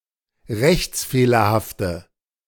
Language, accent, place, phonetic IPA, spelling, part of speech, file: German, Germany, Berlin, [ˈʁɛçt͡sˌfeːlɐhaftə], rechtsfehlerhafte, adjective, De-rechtsfehlerhafte.ogg
- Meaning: inflection of rechtsfehlerhaft: 1. strong/mixed nominative/accusative feminine singular 2. strong nominative/accusative plural 3. weak nominative all-gender singular